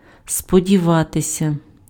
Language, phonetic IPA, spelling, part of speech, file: Ukrainian, [spɔdʲiˈʋatesʲɐ], сподіватися, verb, Uk-сподіватися.ogg
- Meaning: to hope